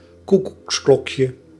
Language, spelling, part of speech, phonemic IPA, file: Dutch, koekoeksklokje, noun, /ˈkukuksˌklɔkjə/, Nl-koekoeksklokje.ogg
- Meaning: diminutive of koekoeksklok